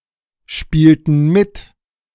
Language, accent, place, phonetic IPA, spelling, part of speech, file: German, Germany, Berlin, [ˌʃpiːltn̩ ˈmɪt], spielten mit, verb, De-spielten mit.ogg
- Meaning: inflection of mitspielen: 1. first/third-person plural preterite 2. first/third-person plural subjunctive II